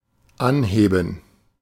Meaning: 1. to lift up 2. to raise, to increase 3. to begin (to do something)
- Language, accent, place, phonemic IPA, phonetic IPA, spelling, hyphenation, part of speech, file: German, Germany, Berlin, /ˈanˌheːbən/, [ˈʔanˌheːbm̩], anheben, an‧he‧ben, verb, De-anheben.ogg